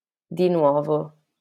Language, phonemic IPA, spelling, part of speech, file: Italian, /di ˈnwɔ.vo/, di nuovo, adverb / interjection, LL-Q652 (ita)-di nuovo.wav
- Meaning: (adverb) again, anew; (interjection) goodbye